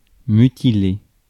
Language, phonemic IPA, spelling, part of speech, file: French, /my.ti.le/, mutiler, verb, Fr-mutiler.ogg
- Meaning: 1. to maim (to cause permanent loss) 2. to mutilate 3. to dismember (cut off a limb)